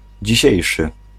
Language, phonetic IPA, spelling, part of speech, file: Polish, [d͡ʑiˈɕɛ̇jʃɨ], dzisiejszy, adjective, Pl-dzisiejszy.ogg